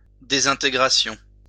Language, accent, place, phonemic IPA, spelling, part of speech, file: French, France, Lyon, /de.zɛ̃.te.ɡʁa.sjɔ̃/, désintégration, noun, LL-Q150 (fra)-désintégration.wav
- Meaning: disintegration